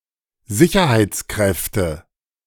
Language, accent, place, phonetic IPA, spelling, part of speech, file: German, Germany, Berlin, [ˈzɪçɐhaɪ̯t͡sˌkʁɛftə], Sicherheitskräfte, noun, De-Sicherheitskräfte.ogg
- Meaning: nominative/accusative/genitive plural of Sicherheitskraft